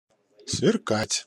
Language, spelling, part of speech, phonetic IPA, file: Russian, сверкать, verb, [svʲɪrˈkatʲ], Ru-сверкать.ogg
- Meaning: 1. to sparkle, to twinkle 2. to glitter 3. to glare